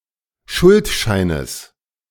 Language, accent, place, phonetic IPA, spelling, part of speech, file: German, Germany, Berlin, [ˈʃʊltˌʃaɪ̯nəs], Schuldscheines, noun, De-Schuldscheines.ogg
- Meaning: genitive singular of Schuldschein